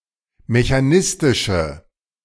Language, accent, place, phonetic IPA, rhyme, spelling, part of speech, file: German, Germany, Berlin, [meçaˈnɪstɪʃə], -ɪstɪʃə, mechanistische, adjective, De-mechanistische.ogg
- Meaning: inflection of mechanistisch: 1. strong/mixed nominative/accusative feminine singular 2. strong nominative/accusative plural 3. weak nominative all-gender singular